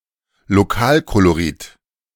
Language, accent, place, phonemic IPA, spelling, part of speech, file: German, Germany, Berlin, /loˈkaːlkoloˌʁɪt/, Lokalkolorit, noun, De-Lokalkolorit.ogg
- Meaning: local color